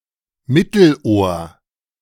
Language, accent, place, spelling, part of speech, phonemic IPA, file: German, Germany, Berlin, Mittelohr, noun, /ˈmɪtl̩ˌʔoːɐ̯/, De-Mittelohr.ogg
- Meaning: middle ear